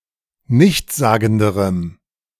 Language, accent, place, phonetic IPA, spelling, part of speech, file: German, Germany, Berlin, [ˈnɪçt͡sˌzaːɡn̩dəʁəm], nichtssagenderem, adjective, De-nichtssagenderem.ogg
- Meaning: strong dative masculine/neuter singular comparative degree of nichtssagend